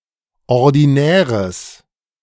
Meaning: strong/mixed nominative/accusative neuter singular of ordinär
- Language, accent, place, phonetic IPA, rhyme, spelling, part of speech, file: German, Germany, Berlin, [ɔʁdiˈnɛːʁəs], -ɛːʁəs, ordinäres, adjective, De-ordinäres.ogg